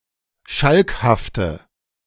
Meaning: inflection of schalkhaft: 1. strong/mixed nominative/accusative feminine singular 2. strong nominative/accusative plural 3. weak nominative all-gender singular
- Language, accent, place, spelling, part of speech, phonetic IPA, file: German, Germany, Berlin, schalkhafte, adjective, [ˈʃalkhaftə], De-schalkhafte.ogg